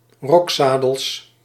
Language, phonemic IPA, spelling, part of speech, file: Dutch, /ˈrɔksadəls/, rokzadels, noun, Nl-rokzadels.ogg
- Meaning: plural of rokzadel